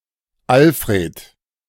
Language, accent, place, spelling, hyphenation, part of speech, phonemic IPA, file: German, Germany, Berlin, Alfred, Al‧f‧red, proper noun, /ˈalfʁeːt/, De-Alfred.ogg
- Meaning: a male given name, popular in the 19th century